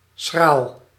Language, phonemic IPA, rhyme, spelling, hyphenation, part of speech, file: Dutch, /sxraːl/, -aːl, schraal, schraal, adjective, Nl-schraal.ogg
- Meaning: 1. poor, scanty, meagre 2. dry, chapped (skin)